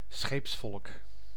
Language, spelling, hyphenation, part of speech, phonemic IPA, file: Dutch, scheepsvolk, scheeps‧volk, noun, /ˈsxeːps.fɔlk/, Nl-scheepsvolk.ogg
- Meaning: a ship's crew (sometimes excluding officers)